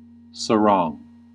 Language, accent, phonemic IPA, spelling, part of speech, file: English, US, /səˈɹɔŋ/, sarong, noun, En-us-sarong.ogg
- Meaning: A garment made of a length of printed cloth wrapped about the waist that is commonly worn by men and women in South and Southeast Asia, also in the Pacific islands